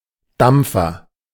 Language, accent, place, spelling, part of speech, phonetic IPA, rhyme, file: German, Germany, Berlin, Dampfer, noun, [ˈdamp͡fɐ], -amp͡fɐ, De-Dampfer.ogg
- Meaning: steamer (steamboat, steamship)